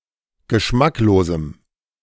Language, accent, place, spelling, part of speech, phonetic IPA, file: German, Germany, Berlin, geschmacklosem, adjective, [ɡəˈʃmakloːzm̩], De-geschmacklosem.ogg
- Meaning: strong dative masculine/neuter singular of geschmacklos